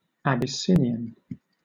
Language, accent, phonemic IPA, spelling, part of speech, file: English, Southern England, /ˌæb.ɪˈsɪn.ɪ.ən/, Abyssinian, adjective / noun / proper noun, LL-Q1860 (eng)-Abyssinian.wav
- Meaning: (adjective) 1. Of or pertaining to Ethiopia or its inhabitants; Ethiopian 2. Of or pertaining to the Abyssinian Church